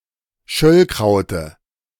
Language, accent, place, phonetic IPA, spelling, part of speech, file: German, Germany, Berlin, [ˈʃœlkʁaʊ̯tə], Schöllkraute, noun, De-Schöllkraute.ogg
- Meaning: dative of Schöllkraut